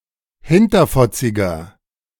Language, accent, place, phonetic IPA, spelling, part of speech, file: German, Germany, Berlin, [ˈhɪntɐfɔt͡sɪɡɐ], hinterfotziger, adjective, De-hinterfotziger.ogg
- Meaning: 1. comparative degree of hinterfotzig 2. inflection of hinterfotzig: strong/mixed nominative masculine singular 3. inflection of hinterfotzig: strong genitive/dative feminine singular